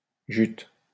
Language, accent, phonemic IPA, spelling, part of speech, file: French, France, /ʒyt/, jute, noun / adjective / verb, LL-Q150 (fra)-jute.wav
- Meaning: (noun) jute; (adjective) Jute (of an ancient Germanic people); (noun) 1. Jute (member of an ancient Germanic people) 2. Jute (language) 3. sperm, cum